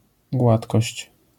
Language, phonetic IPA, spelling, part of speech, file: Polish, [ˈɡwatkɔɕt͡ɕ], gładkość, noun, LL-Q809 (pol)-gładkość.wav